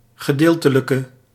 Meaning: inflection of gedeeltelijk: 1. masculine/feminine singular attributive 2. definite neuter singular attributive 3. plural attributive
- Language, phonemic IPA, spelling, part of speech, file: Dutch, /ɣəˈdeltələkə/, gedeeltelijke, adjective, Nl-gedeeltelijke.ogg